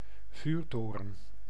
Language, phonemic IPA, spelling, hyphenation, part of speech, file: Dutch, /ˈvyːrˌtoː.rə(n)/, vuurtoren, vuur‧to‧ren, noun, Nl-vuurtoren.ogg
- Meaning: 1. a lighthouse 2. a 250 guilder banknote (before the introduction of the euro) 3. a redhead, ginger